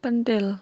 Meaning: nipple
- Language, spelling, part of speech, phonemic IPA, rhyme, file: Javanese, ꦥꦼꦤ꧀ꦛꦶꦭ꧀, noun, /pənʈel/, -el, Jv-penthil.ogg